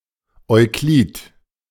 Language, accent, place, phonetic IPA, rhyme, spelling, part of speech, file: German, Germany, Berlin, [ɔɪ̯ˈkliːt], -iːt, Euklid, proper noun, De-Euklid.ogg
- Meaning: Euclid